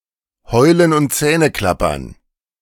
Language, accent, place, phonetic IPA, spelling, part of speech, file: German, Germany, Berlin, [ˈhɔɪ̯lən ʊnt ˈt͡sɛːnəˌklapɐn], Heulen und Zähneklappern, phrase, De-Heulen und Zähneklappern.ogg
- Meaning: wailing and gnashing of teeth